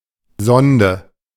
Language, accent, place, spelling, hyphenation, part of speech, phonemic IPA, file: German, Germany, Berlin, Sonde, Son‧de, noun, /ˈzɔndə/, De-Sonde.ogg
- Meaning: 1. probe (device used to explore, investigate or measure) 2. sonde, tube